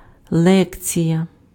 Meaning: lecture
- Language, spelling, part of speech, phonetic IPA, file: Ukrainian, лекція, noun, [ˈɫɛkt͡sʲijɐ], Uk-лекція.ogg